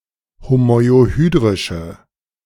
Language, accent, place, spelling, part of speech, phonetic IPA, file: German, Germany, Berlin, homoiohydrische, adjective, [homɔɪ̯oˈhyːdʁɪʃə], De-homoiohydrische.ogg
- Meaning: inflection of homoiohydrisch: 1. strong/mixed nominative/accusative feminine singular 2. strong nominative/accusative plural 3. weak nominative all-gender singular